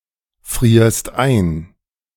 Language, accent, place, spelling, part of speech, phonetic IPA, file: German, Germany, Berlin, frierst ein, verb, [ˌfʁiːɐ̯st ˈaɪ̯n], De-frierst ein.ogg
- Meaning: second-person singular present of einfrieren